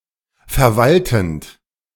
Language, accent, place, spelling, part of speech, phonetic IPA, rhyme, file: German, Germany, Berlin, verwaltend, verb, [fɛɐ̯ˈvaltn̩t], -altn̩t, De-verwaltend.ogg
- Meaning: present participle of verwalten